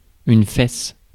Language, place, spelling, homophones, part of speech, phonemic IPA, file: French, Paris, fesse, Fès / fèces, noun / verb, /fɛs/, Fr-fesse.ogg
- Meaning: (noun) buttock; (verb) inflection of fesser: 1. first/third-person singular present indicative/subjunctive 2. second-person singular imperative